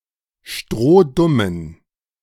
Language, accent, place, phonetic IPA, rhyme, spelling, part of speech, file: German, Germany, Berlin, [ˈʃtʁoːˈdʊmən], -ʊmən, strohdummen, adjective, De-strohdummen.ogg
- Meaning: inflection of strohdumm: 1. strong genitive masculine/neuter singular 2. weak/mixed genitive/dative all-gender singular 3. strong/weak/mixed accusative masculine singular 4. strong dative plural